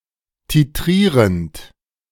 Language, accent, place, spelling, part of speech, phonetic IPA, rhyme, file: German, Germany, Berlin, titrierend, verb, [tiˈtʁiːʁənt], -iːʁənt, De-titrierend.ogg
- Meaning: present participle of titrieren